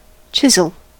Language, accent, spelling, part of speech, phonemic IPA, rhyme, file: English, US, chisel, noun / verb, /ˈt͡ʃɪzəl/, -ɪzəl, En-us-chisel.ogg